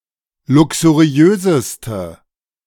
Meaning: inflection of luxuriös: 1. strong/mixed nominative/accusative feminine singular superlative degree 2. strong nominative/accusative plural superlative degree
- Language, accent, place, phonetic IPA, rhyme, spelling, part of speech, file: German, Germany, Berlin, [ˌlʊksuˈʁi̯øːzəstə], -øːzəstə, luxuriöseste, adjective, De-luxuriöseste.ogg